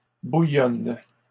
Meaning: inflection of bouillonner: 1. first/third-person singular present indicative/subjunctive 2. second-person singular imperative
- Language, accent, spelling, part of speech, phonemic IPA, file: French, Canada, bouillonne, verb, /bu.jɔn/, LL-Q150 (fra)-bouillonne.wav